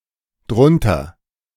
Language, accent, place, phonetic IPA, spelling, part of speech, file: German, Germany, Berlin, [ˈdʁʊntɐ], drunter, adverb, De-drunter.ogg
- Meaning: contraction of darunter